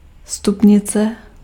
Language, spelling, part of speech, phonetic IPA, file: Czech, stupnice, noun, [ˈstupɲɪt͡sɛ], Cs-stupnice.ogg
- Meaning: 1. scale 2. scale (means of assigning a magnitude)